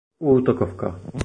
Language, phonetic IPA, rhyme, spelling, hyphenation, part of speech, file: Czech, [ˈuːtokofka], -ofka, útokovka, úto‧kov‧ka, noun, Cs-útokovka.oga
- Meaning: 1. fly-half 2. position of fly-half